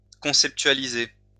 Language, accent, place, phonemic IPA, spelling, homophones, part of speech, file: French, France, Lyon, /kɔ̃.sɛp.tɥa.li.ze/, conceptualiser, conceptualisai / conceptualisé / conceptualisée / conceptualisées / conceptualisés / conceptualisez, verb, LL-Q150 (fra)-conceptualiser.wav
- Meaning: to conceptualize (to conceive the idea for something)